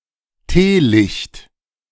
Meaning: tealight
- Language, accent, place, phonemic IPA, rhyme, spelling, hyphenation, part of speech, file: German, Germany, Berlin, /ˈteːˌlɪçt/, -ɪçt, Teelicht, Tee‧licht, noun, De-Teelicht.ogg